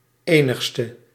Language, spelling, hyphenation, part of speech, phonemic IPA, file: Dutch, enigste, enig‧ste, pronoun / adjective, /ˈeː.nəx.stə/, Nl-enigste.ogg
- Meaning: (pronoun) inflection of enigst: 1. masculine/feminine singular attributive 2. definite neuter singular attributive 3. plural attributive